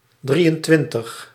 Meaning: twenty-three
- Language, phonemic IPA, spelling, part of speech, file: Dutch, /ˈdri.ənˌtʋɪn.təx/, drieëntwintig, numeral, Nl-drieëntwintig.ogg